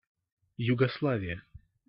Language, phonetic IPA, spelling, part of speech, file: Russian, [jʊɡɐsˈɫavʲɪjə], Югославия, proper noun, Ru-Югославия.ogg
- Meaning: Yugoslavia (a former country in Southeastern Europe in the Balkans, now split into 6 countries: Bosnia and Herzegovina, Croatia, North Macedonia, Montenegro, Serbia, and Slovenia)